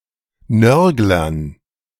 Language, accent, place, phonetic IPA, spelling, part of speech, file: German, Germany, Berlin, [ˈnœʁɡlɐn], Nörglern, noun, De-Nörglern.ogg
- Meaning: dative plural of Nörgler